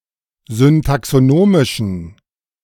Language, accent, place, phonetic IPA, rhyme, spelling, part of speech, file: German, Germany, Berlin, [zʏntaksoˈnoːmɪʃn̩], -oːmɪʃn̩, syntaxonomischen, adjective, De-syntaxonomischen.ogg
- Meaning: inflection of syntaxonomisch: 1. strong genitive masculine/neuter singular 2. weak/mixed genitive/dative all-gender singular 3. strong/weak/mixed accusative masculine singular 4. strong dative plural